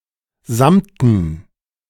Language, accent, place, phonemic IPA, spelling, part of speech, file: German, Germany, Berlin, /ˈzamtn̩/, samten, adjective, De-samten.ogg
- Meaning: velvet